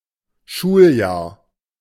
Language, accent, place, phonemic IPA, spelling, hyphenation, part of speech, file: German, Germany, Berlin, /ˈʃuːlˌjaːɐ̯/, Schuljahr, Schul‧jahr, noun, De-Schuljahr.ogg
- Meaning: academic year, school year